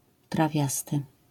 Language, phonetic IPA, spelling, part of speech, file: Polish, [traˈvʲjastɨ], trawiasty, adjective, LL-Q809 (pol)-trawiasty.wav